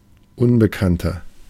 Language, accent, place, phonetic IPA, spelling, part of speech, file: German, Germany, Berlin, [ˈʊnbəkantɐ], unbekannter, adjective, De-unbekannter.ogg
- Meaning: 1. comparative degree of unbekannt 2. inflection of unbekannt: strong/mixed nominative masculine singular 3. inflection of unbekannt: strong genitive/dative feminine singular